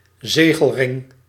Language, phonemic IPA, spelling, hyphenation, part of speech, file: Dutch, /ˈzeː.ɣəlˌrɪŋ/, zegelring, ze‧gel‧ring, noun, Nl-zegelring.ogg
- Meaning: a seal ring, a signet ring fit for sealing documents